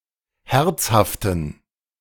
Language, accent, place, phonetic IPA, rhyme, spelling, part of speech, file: German, Germany, Berlin, [ˈhɛʁt͡shaftn̩], -ɛʁt͡shaftn̩, herzhaften, adjective, De-herzhaften.ogg
- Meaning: inflection of herzhaft: 1. strong genitive masculine/neuter singular 2. weak/mixed genitive/dative all-gender singular 3. strong/weak/mixed accusative masculine singular 4. strong dative plural